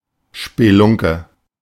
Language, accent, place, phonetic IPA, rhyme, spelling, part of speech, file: German, Germany, Berlin, [ʃpeˈlʊŋkə], -ʊŋkə, Spelunke, noun, De-Spelunke.ogg
- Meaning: 1. bar (building where alcohol is served) 2. shack